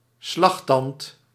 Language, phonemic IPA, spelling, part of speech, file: Dutch, /ˈslɑxtɑnt/, slagtand, noun, Nl-slagtand.ogg
- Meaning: 1. tusk, a large tooth extending outside the mouth, as on an elephant, fit as a weapon 2. a boar's razor